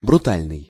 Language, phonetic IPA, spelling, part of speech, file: Russian, [brʊˈtalʲnɨj], брутальный, adjective, Ru-брутальный.ogg
- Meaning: 1. brutal 2. displaying manliness